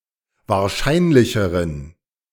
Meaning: inflection of wahrscheinlich: 1. strong genitive masculine/neuter singular comparative degree 2. weak/mixed genitive/dative all-gender singular comparative degree
- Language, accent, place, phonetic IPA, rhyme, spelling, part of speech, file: German, Germany, Berlin, [vaːɐ̯ˈʃaɪ̯nlɪçəʁən], -aɪ̯nlɪçəʁən, wahrscheinlicheren, adjective, De-wahrscheinlicheren.ogg